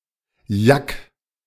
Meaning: yak (Asian bovine)
- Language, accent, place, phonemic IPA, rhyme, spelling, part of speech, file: German, Germany, Berlin, /jak/, -ak, Yak, noun, De-Yak.ogg